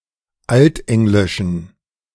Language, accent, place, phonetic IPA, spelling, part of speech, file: German, Germany, Berlin, [ˈaltˌʔɛŋlɪʃn̩], altenglischen, adjective, De-altenglischen.ogg
- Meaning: inflection of altenglisch: 1. strong genitive masculine/neuter singular 2. weak/mixed genitive/dative all-gender singular 3. strong/weak/mixed accusative masculine singular 4. strong dative plural